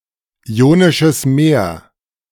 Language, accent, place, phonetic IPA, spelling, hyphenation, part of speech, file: German, Germany, Berlin, [ˈi̯oːnɪʃəs ˈmeːɐ̯], Ionisches Meer, Io‧ni‧sches Meer, proper noun, De-Ionisches Meer.ogg
- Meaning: Ionian Sea (European sea)